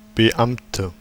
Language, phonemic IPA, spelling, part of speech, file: German, /bəˈʔamtə/, Beamte, noun, De-Beamte.ogg
- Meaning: 1. female equivalent of Beamter: government employee, (government) official, civil servant, public servant, (police) officer 2. inflection of Beamter: strong nominative/accusative plural